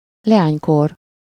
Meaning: girlhood (the childhood of a girl; usually with a possessive suffix)
- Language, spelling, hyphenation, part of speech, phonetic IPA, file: Hungarian, leánykor, le‧ány‧kor, noun, [ˈlɛaːɲkor], Hu-leánykor.ogg